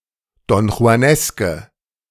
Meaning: inflection of donjuanesk: 1. strong/mixed nominative/accusative feminine singular 2. strong nominative/accusative plural 3. weak nominative all-gender singular
- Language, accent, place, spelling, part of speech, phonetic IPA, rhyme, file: German, Germany, Berlin, donjuaneske, adjective, [dɔnxu̯aˈnɛskə], -ɛskə, De-donjuaneske.ogg